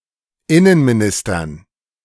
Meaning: dative plural of Innenminister
- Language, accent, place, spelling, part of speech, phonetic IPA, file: German, Germany, Berlin, Innenministern, noun, [ˈɪnənmiˌnɪstɐn], De-Innenministern.ogg